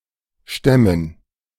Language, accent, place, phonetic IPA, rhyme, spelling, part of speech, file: German, Germany, Berlin, [ˈʃtɛmən], -ɛmən, Stämmen, noun, De-Stämmen.ogg
- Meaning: dative plural of Stamm